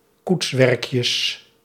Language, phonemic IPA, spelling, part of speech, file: Dutch, /ˈkutswɛrᵊkjəs/, koetswerkjes, noun, Nl-koetswerkjes.ogg
- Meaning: plural of koetswerkje